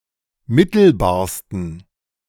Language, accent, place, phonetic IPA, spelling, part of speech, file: German, Germany, Berlin, [ˈmɪtl̩baːɐ̯stn̩], mittelbarsten, adjective, De-mittelbarsten.ogg
- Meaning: 1. superlative degree of mittelbar 2. inflection of mittelbar: strong genitive masculine/neuter singular superlative degree